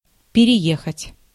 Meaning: 1. to move (to change residence) 2. to cross, to run over, to drive over
- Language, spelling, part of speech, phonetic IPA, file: Russian, переехать, verb, [pʲɪrʲɪˈjexətʲ], Ru-переехать.ogg